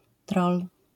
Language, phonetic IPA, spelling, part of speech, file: Polish, [trɔl], troll, noun, LL-Q809 (pol)-troll.wav